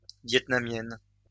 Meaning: feminine singular of vietnamien
- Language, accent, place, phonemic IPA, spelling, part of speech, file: French, France, Lyon, /vjɛt.na.mjɛn/, vietnamienne, adjective, LL-Q150 (fra)-vietnamienne.wav